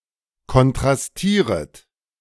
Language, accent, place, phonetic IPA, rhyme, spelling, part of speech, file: German, Germany, Berlin, [kɔntʁasˈtiːʁət], -iːʁət, kontrastieret, verb, De-kontrastieret.ogg
- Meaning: second-person plural subjunctive I of kontrastieren